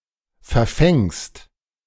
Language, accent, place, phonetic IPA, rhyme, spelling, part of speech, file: German, Germany, Berlin, [fɛɐ̯ˈfɛŋst], -ɛŋst, verfängst, verb, De-verfängst.ogg
- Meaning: second-person singular present of verfangen